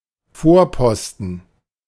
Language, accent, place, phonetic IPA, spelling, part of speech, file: German, Germany, Berlin, [ˈfoːɐ̯ˌpɔstn̩], Vorposten, noun, De-Vorposten.ogg
- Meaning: outpost